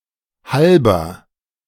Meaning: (adjective) inflection of halb: 1. strong/mixed nominative masculine singular 2. strong genitive/dative feminine singular 3. strong genitive plural
- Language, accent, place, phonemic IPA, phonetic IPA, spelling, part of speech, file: German, Germany, Berlin, /ˈhalbəʁ/, [ˈhalbɐ], halber, adjective / adverb / postposition, De-halber.ogg